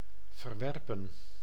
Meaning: to reject
- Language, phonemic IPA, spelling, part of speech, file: Dutch, /vərˈʋɛr.pə(n)/, verwerpen, verb, Nl-verwerpen.ogg